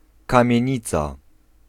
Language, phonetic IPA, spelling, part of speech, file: Polish, [ˌkãmʲjɛ̇̃ˈɲit͡sa], kamienica, noun, Pl-kamienica.ogg